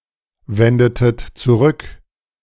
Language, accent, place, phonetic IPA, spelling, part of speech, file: German, Germany, Berlin, [ˌvɛndətət t͡suˈʁʏk], wendetet zurück, verb, De-wendetet zurück.ogg
- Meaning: inflection of zurückwenden: 1. second-person plural preterite 2. second-person plural subjunctive II